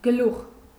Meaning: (noun) 1. head 2. top, head of something 3. top, summit (e.g., of a mountain) 4. beginning 5. chapter (of a book) 6. head, chief, master, leader 7. round tip of an object 8. hair (on head)
- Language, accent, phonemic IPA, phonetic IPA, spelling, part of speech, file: Armenian, Eastern Armenian, /ɡəˈluχ/, [ɡəlúχ], գլուխ, noun / conjunction / adjective, Hy-գլուխ.ogg